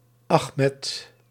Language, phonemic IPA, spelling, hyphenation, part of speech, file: Dutch, /ˈɑx.mɛt/, Achmed, Ach‧med, proper noun, Nl-Achmed.ogg
- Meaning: a male given name from Arabic, equivalent to English Ahmed